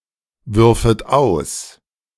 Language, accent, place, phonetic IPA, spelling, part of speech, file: German, Germany, Berlin, [ˌvʏʁfət ˈaʊ̯s], würfet aus, verb, De-würfet aus.ogg
- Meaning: second-person plural subjunctive II of auswerfen